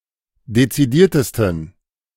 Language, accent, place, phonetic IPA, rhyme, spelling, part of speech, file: German, Germany, Berlin, [det͡siˈdiːɐ̯təstn̩], -iːɐ̯təstn̩, dezidiertesten, adjective, De-dezidiertesten.ogg
- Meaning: 1. superlative degree of dezidiert 2. inflection of dezidiert: strong genitive masculine/neuter singular superlative degree